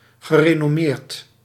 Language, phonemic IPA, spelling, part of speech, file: Dutch, /ɣəˌrenɔˈmert/, gerenommeerd, adjective / verb, Nl-gerenommeerd.ogg
- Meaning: renowned